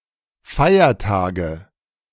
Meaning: nominative/accusative/genitive plural of Feiertag
- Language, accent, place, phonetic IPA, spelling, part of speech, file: German, Germany, Berlin, [ˈfaɪ̯ɐˌtaːɡə], Feiertage, noun, De-Feiertage.ogg